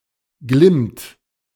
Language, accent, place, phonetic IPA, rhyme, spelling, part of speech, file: German, Germany, Berlin, [ɡlɪmt], -ɪmt, glimmt, verb, De-glimmt.ogg
- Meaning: inflection of glimmen: 1. third-person singular present 2. second-person plural present 3. plural imperative